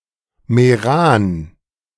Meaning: a municipality of South Tyrol
- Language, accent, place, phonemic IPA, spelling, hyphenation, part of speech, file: German, Germany, Berlin, /meˈʁaːn/, Meran, Me‧ran, proper noun, De-Meran.ogg